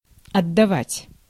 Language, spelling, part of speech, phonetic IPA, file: Russian, отдавать, verb, [ɐdːɐˈvatʲ], Ru-отдавать.ogg
- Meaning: 1. to give back, to return 2. to give (away), to hand over, to give up, to give over 3. to send 4. to devote 5. to cast (anchor) 6. to recoil (of a gun) 7. to smell like or taste of